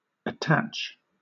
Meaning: 1. To fasten, to join to (literally and figuratively) 2. To adhere; to be attached 3. To include an attachment with a communication (especially an email or other electronic communication)
- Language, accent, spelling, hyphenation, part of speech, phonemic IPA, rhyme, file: English, Southern England, attach, at‧tach, verb, /əˈtæt͡ʃ/, -ætʃ, LL-Q1860 (eng)-attach.wav